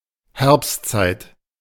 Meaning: fall time, autumn time, fall period, autumnal period
- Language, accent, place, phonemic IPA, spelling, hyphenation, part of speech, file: German, Germany, Berlin, /ˈhɛʁpstˌt͡saɪ̯t/, Herbstzeit, Herbst‧zeit, noun, De-Herbstzeit.ogg